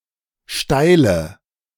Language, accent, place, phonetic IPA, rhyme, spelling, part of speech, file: German, Germany, Berlin, [ˈʃtaɪ̯lə], -aɪ̯lə, steile, adjective, De-steile.ogg
- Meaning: inflection of steil: 1. strong/mixed nominative/accusative feminine singular 2. strong nominative/accusative plural 3. weak nominative all-gender singular 4. weak accusative feminine/neuter singular